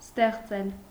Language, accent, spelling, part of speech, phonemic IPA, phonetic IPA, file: Armenian, Eastern Armenian, ստեղծել, verb, /steχˈt͡sel/, [steχt͡sél], Hy-ստեղծել.ogg
- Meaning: to create